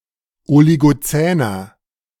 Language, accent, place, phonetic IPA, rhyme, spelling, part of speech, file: German, Germany, Berlin, [oliɡoˈt͡sɛːnɐ], -ɛːnɐ, oligozäner, adjective, De-oligozäner.ogg
- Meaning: inflection of oligozän: 1. strong/mixed nominative masculine singular 2. strong genitive/dative feminine singular 3. strong genitive plural